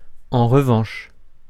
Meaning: 1. however 2. on the other hand
- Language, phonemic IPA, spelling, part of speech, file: French, /ɑ̃ ʁ(ə).vɑ̃ʃ/, en revanche, adverb, Fr-en revanche.ogg